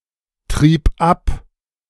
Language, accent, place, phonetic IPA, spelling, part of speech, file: German, Germany, Berlin, [ˌtʁiːp ˈap], trieb ab, verb, De-trieb ab.ogg
- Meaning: first/third-person singular preterite of abtreiben